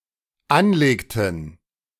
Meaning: inflection of anlegen: 1. first/third-person plural dependent preterite 2. first/third-person plural dependent subjunctive II
- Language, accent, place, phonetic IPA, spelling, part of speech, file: German, Germany, Berlin, [ˈanˌleːktn̩], anlegten, verb, De-anlegten.ogg